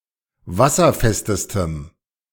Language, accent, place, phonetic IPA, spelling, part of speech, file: German, Germany, Berlin, [ˈvasɐˌfɛstəstəm], wasserfestestem, adjective, De-wasserfestestem.ogg
- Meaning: strong dative masculine/neuter singular superlative degree of wasserfest